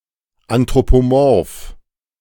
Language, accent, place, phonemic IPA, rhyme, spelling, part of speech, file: German, Germany, Berlin, /antʁopoˈmɔʁf/, -ɔʁf, anthropomorph, adjective, De-anthropomorph.ogg
- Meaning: anthropomorphic